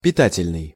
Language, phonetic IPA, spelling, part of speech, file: Russian, [pʲɪˈtatʲɪlʲnɨj], питательный, adjective, Ru-питательный.ogg
- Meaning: 1. nourishing, nutritious 2. feeding, feed 3. nutrient